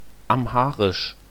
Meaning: Amharic (language)
- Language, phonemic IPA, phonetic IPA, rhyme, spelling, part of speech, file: German, /amˈhaːʁɪʃ/, [ʔamˈhaːʁɪʃ], -aːʁɪʃ, Amharisch, proper noun, De-Amharisch.ogg